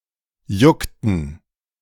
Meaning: inflection of jucken: 1. first/third-person plural preterite 2. first/third-person plural subjunctive II
- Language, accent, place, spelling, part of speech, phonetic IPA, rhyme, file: German, Germany, Berlin, juckten, verb, [ˈjʊktn̩], -ʊktn̩, De-juckten.ogg